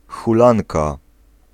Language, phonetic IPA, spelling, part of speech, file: Polish, [xuˈlãnka], hulanka, noun, Pl-hulanka.ogg